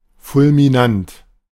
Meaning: 1. splendid, furious 2. fulminant
- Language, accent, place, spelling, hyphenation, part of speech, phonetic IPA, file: German, Germany, Berlin, fulminant, ful‧mi‧nant, adjective, [ˌfʊlmɪˈnant], De-fulminant.ogg